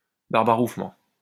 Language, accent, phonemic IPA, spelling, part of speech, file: French, France, /baʁ.ba.ʁuf.mɑ̃/, barbarouffement, noun, LL-Q150 (fra)-barbarouffement.wav
- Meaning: the cry of a manatee or dugong